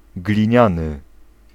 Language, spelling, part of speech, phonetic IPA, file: Polish, gliniany, adjective / noun, [ɡlʲĩˈɲãnɨ], Pl-gliniany.ogg